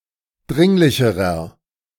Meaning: inflection of dringlich: 1. strong/mixed nominative masculine singular comparative degree 2. strong genitive/dative feminine singular comparative degree 3. strong genitive plural comparative degree
- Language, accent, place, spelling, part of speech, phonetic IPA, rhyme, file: German, Germany, Berlin, dringlicherer, adjective, [ˈdʁɪŋlɪçəʁɐ], -ɪŋlɪçəʁɐ, De-dringlicherer.ogg